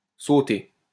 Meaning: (verb) past participle of sauter; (noun) sauté (dish cooked by sautéing)
- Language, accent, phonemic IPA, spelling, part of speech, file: French, France, /so.te/, sauté, verb / noun, LL-Q150 (fra)-sauté.wav